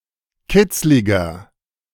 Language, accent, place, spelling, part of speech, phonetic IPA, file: German, Germany, Berlin, kitzliger, adjective, [ˈkɪt͡slɪɡɐ], De-kitzliger.ogg
- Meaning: 1. comparative degree of kitzlig 2. inflection of kitzlig: strong/mixed nominative masculine singular 3. inflection of kitzlig: strong genitive/dative feminine singular